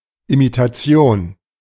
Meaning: imitation
- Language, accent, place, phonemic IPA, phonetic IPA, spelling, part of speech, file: German, Germany, Berlin, /imitaˈtsjoːn/, [ʔimitʰaˈtsjoːn], Imitation, noun, De-Imitation.ogg